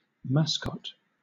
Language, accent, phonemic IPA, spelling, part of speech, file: English, Southern England, /ˈmæsˌkɒt/, mascot, noun / verb, LL-Q1860 (eng)-mascot.wav
- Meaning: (noun) 1. Something thought to bring good luck 2. Something, especially a person or animal, used to symbolize a sports team, company, organization or other group